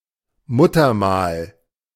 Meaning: naevus; birthmark, (especially) mole (any benign malformation of the skin)
- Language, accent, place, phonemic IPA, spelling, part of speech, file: German, Germany, Berlin, /ˈmʊtɐˌmaːl/, Muttermal, noun, De-Muttermal.ogg